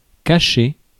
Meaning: 1. to hide 2. to hide (oneself)
- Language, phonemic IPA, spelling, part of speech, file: French, /ka.ʃe/, cacher, verb, Fr-cacher.ogg